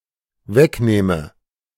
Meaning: first/third-person singular dependent subjunctive II of wegnehmen
- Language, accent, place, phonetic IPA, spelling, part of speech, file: German, Germany, Berlin, [ˈvɛkˌnɛːmə], wegnähme, verb, De-wegnähme.ogg